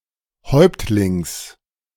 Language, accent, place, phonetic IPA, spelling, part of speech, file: German, Germany, Berlin, [ˈhɔɪ̯ptlɪŋs], Häuptlings, noun, De-Häuptlings.ogg
- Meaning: genitive singular of Häuptling